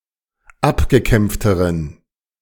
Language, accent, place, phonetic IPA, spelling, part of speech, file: German, Germany, Berlin, [ˈapɡəˌkɛmp͡ftəʁən], abgekämpfteren, adjective, De-abgekämpfteren.ogg
- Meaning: inflection of abgekämpft: 1. strong genitive masculine/neuter singular comparative degree 2. weak/mixed genitive/dative all-gender singular comparative degree